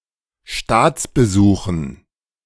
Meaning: dative plural of Staatsbesuch
- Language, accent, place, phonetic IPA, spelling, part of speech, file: German, Germany, Berlin, [ˈʃtaːt͡sbəˌzuːxn̩], Staatsbesuchen, noun, De-Staatsbesuchen.ogg